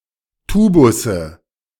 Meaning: nominative/accusative/genitive plural of Tubus
- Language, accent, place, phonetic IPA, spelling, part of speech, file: German, Germany, Berlin, [ˈtuːbʊsə], Tubusse, noun, De-Tubusse.ogg